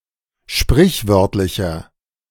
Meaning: inflection of sprichwörtlich: 1. strong/mixed nominative masculine singular 2. strong genitive/dative feminine singular 3. strong genitive plural
- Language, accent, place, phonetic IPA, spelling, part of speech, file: German, Germany, Berlin, [ˈʃpʁɪçˌvœʁtlɪçɐ], sprichwörtlicher, adjective, De-sprichwörtlicher.ogg